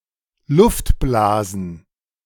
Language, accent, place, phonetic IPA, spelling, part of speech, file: German, Germany, Berlin, [ˈlʊftˌblaːzn̩], Luftblasen, noun, De-Luftblasen.ogg
- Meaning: plural of Luftblase